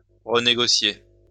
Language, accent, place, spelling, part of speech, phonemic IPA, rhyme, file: French, France, Lyon, renégocier, verb, /ʁə.ne.ɡɔ.sje/, -e, LL-Q150 (fra)-renégocier.wav
- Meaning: to renegotiate